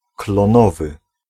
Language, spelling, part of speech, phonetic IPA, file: Polish, klonowy, adjective, [klɔ̃ˈnɔvɨ], Pl-klonowy.ogg